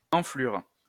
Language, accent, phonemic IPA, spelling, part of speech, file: French, France, /ɑ̃.flyʁ/, enflure, noun, LL-Q150 (fra)-enflure.wav
- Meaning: 1. weal; swelling 2. bastard, scumbag